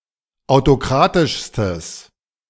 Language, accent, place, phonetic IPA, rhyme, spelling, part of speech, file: German, Germany, Berlin, [aʊ̯toˈkʁaːtɪʃstəs], -aːtɪʃstəs, autokratischstes, adjective, De-autokratischstes.ogg
- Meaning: strong/mixed nominative/accusative neuter singular superlative degree of autokratisch